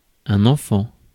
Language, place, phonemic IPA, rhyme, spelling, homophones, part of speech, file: French, Paris, /ɑ̃.fɑ̃/, -ɑ̃, enfant, enfants, noun, Fr-enfant.ogg
- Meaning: 1. child (someone who is not yet an adult) 2. child (offspring of any age) 3. son, native (of a place)